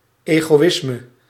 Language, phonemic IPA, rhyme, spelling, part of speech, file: Dutch, /ˌeːɣoːˈɪsmə/, -ɪsmə, egoïsme, noun, Nl-egoïsme.ogg
- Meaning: egoism